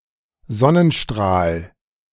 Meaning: sunray
- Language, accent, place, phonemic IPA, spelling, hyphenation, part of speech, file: German, Germany, Berlin, /ˈzɔnənˌʃtʁaːl/, Sonnenstrahl, Son‧nen‧strahl, noun, De-Sonnenstrahl.ogg